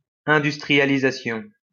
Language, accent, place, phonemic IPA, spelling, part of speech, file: French, France, Lyon, /ɛ̃.dys.tʁi.ja.li.za.sjɔ̃/, industrialisation, noun, LL-Q150 (fra)-industrialisation.wav
- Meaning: industrialisation